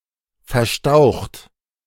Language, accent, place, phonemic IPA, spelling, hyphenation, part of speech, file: German, Germany, Berlin, /fɛɐ̯ˈʃtaʊ̯xt/, verstaucht, ver‧staucht, verb, De-verstaucht.ogg
- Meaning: 1. past participle of verstauchen 2. inflection of verstauchen: third-person singular present 3. inflection of verstauchen: second-person plural present 4. inflection of verstauchen: plural imperative